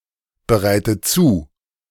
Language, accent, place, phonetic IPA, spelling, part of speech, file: German, Germany, Berlin, [bəˌʁaɪ̯tə ˈt͡suː], bereite zu, verb, De-bereite zu.ogg
- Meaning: inflection of zubereiten: 1. first-person singular present 2. first/third-person singular subjunctive I 3. singular imperative